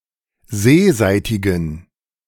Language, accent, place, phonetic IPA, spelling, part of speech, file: German, Germany, Berlin, [ˈzeːˌzaɪ̯tɪɡn̩], seeseitigen, adjective, De-seeseitigen.ogg
- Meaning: inflection of seeseitig: 1. strong genitive masculine/neuter singular 2. weak/mixed genitive/dative all-gender singular 3. strong/weak/mixed accusative masculine singular 4. strong dative plural